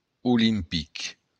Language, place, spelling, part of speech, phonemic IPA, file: Occitan, Béarn, olimpic, adjective, /uˈlimpik/, LL-Q14185 (oci)-olimpic.wav
- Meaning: Olympic